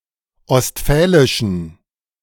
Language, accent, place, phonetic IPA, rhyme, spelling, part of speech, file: German, Germany, Berlin, [ɔstˈfɛːlɪʃn̩], -ɛːlɪʃn̩, ostfälischen, adjective, De-ostfälischen.ogg
- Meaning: inflection of ostfälisch: 1. strong genitive masculine/neuter singular 2. weak/mixed genitive/dative all-gender singular 3. strong/weak/mixed accusative masculine singular 4. strong dative plural